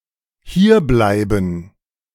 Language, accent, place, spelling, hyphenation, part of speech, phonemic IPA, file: German, Germany, Berlin, hierbleiben, hier‧blei‧ben, verb, /ˈhiːɐ̯ˌblaɪ̯bn̩/, De-hierbleiben.ogg
- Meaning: to stay here